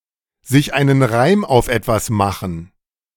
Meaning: to find an explanation for something
- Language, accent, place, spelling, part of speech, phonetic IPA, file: German, Germany, Berlin, sich einen Reim auf etwas machen, verb, [zɪç ˈaɪ̯nən ʁaɪ̯m aʊ̯f ˈɛtvas ˈmaxŋ̍], De-sich einen Reim auf etwas machen.ogg